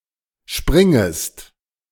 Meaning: second-person singular subjunctive I of springen
- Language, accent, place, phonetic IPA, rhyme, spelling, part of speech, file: German, Germany, Berlin, [ˈʃpʁɪŋəst], -ɪŋəst, springest, verb, De-springest.ogg